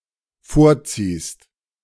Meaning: second-person singular dependent present of vorziehen
- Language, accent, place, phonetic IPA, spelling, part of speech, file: German, Germany, Berlin, [ˈfoːɐ̯ˌt͡siːst], vorziehst, verb, De-vorziehst.ogg